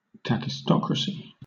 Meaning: Government under the control of a nation's worst or least-qualified citizens
- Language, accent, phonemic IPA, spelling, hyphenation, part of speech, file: English, Southern England, /kækɪsˈtɒkɹəsi/, kakistocracy, ka‧kis‧to‧cra‧cy, noun, LL-Q1860 (eng)-kakistocracy.wav